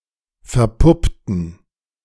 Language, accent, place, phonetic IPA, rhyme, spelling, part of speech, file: German, Germany, Berlin, [fɛɐ̯ˈpʊptn̩], -ʊptn̩, verpuppten, adjective / verb, De-verpuppten.ogg
- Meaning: inflection of verpuppen: 1. first/third-person plural preterite 2. first/third-person plural subjunctive II